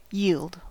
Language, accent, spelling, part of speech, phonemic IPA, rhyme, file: English, US, yield, verb / noun, /jiːld/, -iːld, En-us-yield.ogg
- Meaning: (verb) 1. To give as a result or outcome; to produce or render 2. To give as a result or outcome; to produce or render.: To produce as return from an investment